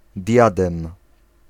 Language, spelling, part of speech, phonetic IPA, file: Polish, diadem, noun, [ˈdʲjadɛ̃m], Pl-diadem.ogg